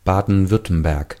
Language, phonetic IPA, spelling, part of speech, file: German, [ˈbaːdn̩ˈvʏʁtəmbɛʁk], Baden-Württemberg, proper noun, De-Baden-Württemberg.ogg
- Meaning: Baden-Württemberg (a state in southwest Germany)